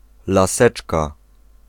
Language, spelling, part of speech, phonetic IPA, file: Polish, laseczka, noun, [laˈsɛt͡ʃka], Pl-laseczka.ogg